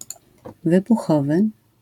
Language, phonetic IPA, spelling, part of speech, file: Polish, [ˌvɨbuˈxɔvɨ], wybuchowy, adjective, LL-Q809 (pol)-wybuchowy.wav